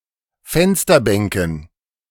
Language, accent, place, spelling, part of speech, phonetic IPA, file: German, Germany, Berlin, Fensterbänken, noun, [ˈfɛnstɐˌbɛŋkn̩], De-Fensterbänken.ogg
- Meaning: dative plural of Fensterbank